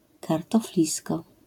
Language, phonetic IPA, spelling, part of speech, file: Polish, [ˌkartɔfˈlʲiskɔ], kartoflisko, noun, LL-Q809 (pol)-kartoflisko.wav